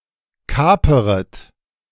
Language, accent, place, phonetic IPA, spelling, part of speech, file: German, Germany, Berlin, [ˈkaːpəʁət], kaperet, verb, De-kaperet.ogg
- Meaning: second-person plural subjunctive I of kapern